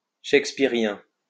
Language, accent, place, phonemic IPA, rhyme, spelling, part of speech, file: French, France, Lyon, /ʃɛk.spi.ʁjɛ̃/, -ɛ̃, shakespearien, adjective, LL-Q150 (fra)-shakespearien.wav
- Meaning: Shakespearean